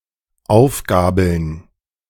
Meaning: to pick up
- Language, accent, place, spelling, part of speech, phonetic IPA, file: German, Germany, Berlin, aufgabeln, verb, [ˈaʊ̯fˌɡaːbl̩n], De-aufgabeln.ogg